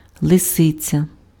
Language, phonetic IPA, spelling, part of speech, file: Ukrainian, [ɫeˈsɪt͡sʲɐ], лисиця, noun, Uk-лисиця.ogg
- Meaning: fox (female or generic)